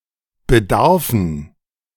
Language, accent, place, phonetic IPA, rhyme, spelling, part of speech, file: German, Germany, Berlin, [bəˈdaʁfn̩], -aʁfn̩, Bedarfen, noun, De-Bedarfen.ogg
- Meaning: dative plural of Bedarf